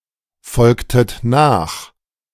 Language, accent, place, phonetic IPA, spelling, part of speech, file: German, Germany, Berlin, [ˌfɔlktət ˈnaːx], folgtet nach, verb, De-folgtet nach.ogg
- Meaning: inflection of nachfolgen: 1. second-person plural preterite 2. second-person plural subjunctive II